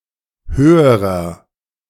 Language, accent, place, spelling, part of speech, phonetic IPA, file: German, Germany, Berlin, höherer, adjective, [ˈhøːəʁɐ], De-höherer.ogg
- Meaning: inflection of hoch: 1. strong/mixed nominative masculine singular comparative degree 2. strong genitive/dative feminine singular comparative degree 3. strong genitive plural comparative degree